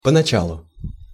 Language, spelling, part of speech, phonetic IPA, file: Russian, поначалу, adverb, [pənɐˈt͡ɕaɫʊ], Ru-поначалу.ogg
- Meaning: at first, in the beginning, initially